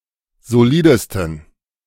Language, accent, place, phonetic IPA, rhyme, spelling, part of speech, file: German, Germany, Berlin, [zoˈliːdəstn̩], -iːdəstn̩, solidesten, adjective, De-solidesten.ogg
- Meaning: 1. superlative degree of solid 2. inflection of solid: strong genitive masculine/neuter singular superlative degree